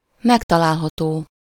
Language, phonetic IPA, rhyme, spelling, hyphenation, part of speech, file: Hungarian, [ˈmɛktɒlaːlɦɒtoː], -toː, megtalálható, meg‧ta‧lál‧ha‧tó, adjective, Hu-megtalálható.ogg
- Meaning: findable, locatable, available, such that can be found